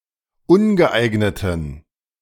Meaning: inflection of ungeeignet: 1. strong genitive masculine/neuter singular 2. weak/mixed genitive/dative all-gender singular 3. strong/weak/mixed accusative masculine singular 4. strong dative plural
- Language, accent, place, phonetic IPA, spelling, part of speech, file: German, Germany, Berlin, [ˈʊnɡəˌʔaɪ̯ɡnətn̩], ungeeigneten, adjective, De-ungeeigneten.ogg